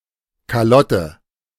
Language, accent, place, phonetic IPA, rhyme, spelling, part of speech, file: German, Germany, Berlin, [kaˈlɔtə], -ɔtə, Kalotte, noun, De-Kalotte.ogg
- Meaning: 1. calotte 2. cranial vault 3. dome